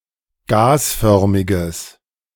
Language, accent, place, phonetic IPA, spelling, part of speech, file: German, Germany, Berlin, [ˈɡaːsˌfœʁmɪɡəs], gasförmiges, adjective, De-gasförmiges.ogg
- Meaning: strong/mixed nominative/accusative neuter singular of gasförmig